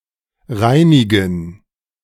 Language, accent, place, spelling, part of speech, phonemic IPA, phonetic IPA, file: German, Germany, Berlin, reinigen, verb, /ˈʁaɪ̯niɡən/, [ˈʁaɪ̯niɡŋ̍], De-reinigen2.ogg
- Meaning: to clean